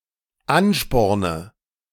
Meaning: inflection of anspornen: 1. first-person singular dependent present 2. first/third-person singular dependent subjunctive I
- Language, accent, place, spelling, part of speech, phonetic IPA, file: German, Germany, Berlin, ansporne, verb, [ˈanˌʃpɔʁnə], De-ansporne.ogg